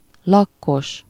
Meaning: lacquered (having a glossy finish)
- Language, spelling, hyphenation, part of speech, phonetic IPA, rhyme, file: Hungarian, lakkos, lak‧kos, adjective, [ˈlɒkːoʃ], -oʃ, Hu-lakkos.ogg